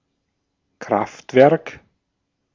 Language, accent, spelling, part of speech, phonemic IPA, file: German, Austria, Kraftwerk, noun, /ˈkʁaftvɛʁk/, De-at-Kraftwerk.ogg
- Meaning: power station, power plant